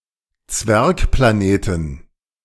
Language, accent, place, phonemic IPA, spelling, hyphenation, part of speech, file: German, Germany, Berlin, /ˈt͡svɛʁkplaˌneːtn̩/, Zwergplaneten, Zwerg‧pla‧ne‧ten, noun, De-Zwergplaneten.ogg
- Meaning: inflection of Zwergplanet: 1. genitive/dative/accusative singular 2. plural